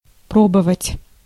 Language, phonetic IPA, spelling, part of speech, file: Russian, [ˈprobəvətʲ], пробовать, verb, Ru-пробовать.ogg
- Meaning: 1. to test, to attempt, to try 2. to taste (to sample the flavor of something), to feel